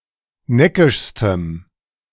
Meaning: strong dative masculine/neuter singular superlative degree of neckisch
- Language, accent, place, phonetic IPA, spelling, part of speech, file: German, Germany, Berlin, [ˈnɛkɪʃstəm], neckischstem, adjective, De-neckischstem.ogg